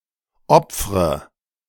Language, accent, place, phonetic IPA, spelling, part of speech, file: German, Germany, Berlin, [ˈɔp͡fʁə], opfre, verb, De-opfre.ogg
- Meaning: inflection of opfern: 1. first-person singular present 2. first/third-person singular subjunctive I 3. singular imperative